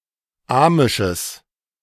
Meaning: strong/mixed nominative/accusative neuter singular of amisch
- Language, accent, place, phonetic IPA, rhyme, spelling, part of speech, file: German, Germany, Berlin, [ˈaːmɪʃəs], -aːmɪʃəs, amisches, adjective, De-amisches.ogg